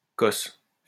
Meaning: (noun) pod (seed case); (verb) inflection of cosser: 1. first/third-person singular present indicative/subjunctive 2. second-person singular imperative
- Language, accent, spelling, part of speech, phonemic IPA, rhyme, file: French, France, cosse, noun / verb, /kɔs/, -ɔs, LL-Q150 (fra)-cosse.wav